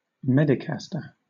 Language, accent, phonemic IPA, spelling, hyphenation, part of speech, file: English, Southern England, /ˈmɛdɪkastə/, medicaster, me‧dic‧as‧ter, noun, LL-Q1860 (eng)-medicaster.wav
- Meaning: A quack doctor; someone who pretends to have medical knowledge